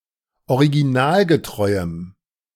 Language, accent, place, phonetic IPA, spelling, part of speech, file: German, Germany, Berlin, [oʁiɡiˈnaːlɡəˌtʁɔɪ̯əm], originalgetreuem, adjective, De-originalgetreuem.ogg
- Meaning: strong dative masculine/neuter singular of originalgetreu